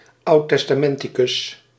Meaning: Old Testament scholar, Hebrew Bible scholar
- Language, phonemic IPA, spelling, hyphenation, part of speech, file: Dutch, /ɑu̯tɛs.taːˈmɛn.ti.kʏs/, oudtestamenticus, oud‧tes‧ta‧men‧ti‧cus, noun, Nl-oudtestamenticus.ogg